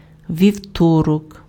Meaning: Tuesday
- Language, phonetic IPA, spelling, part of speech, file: Ukrainian, [ʋʲiu̯ˈtɔrɔk], вівторок, noun, Uk-вівторок.ogg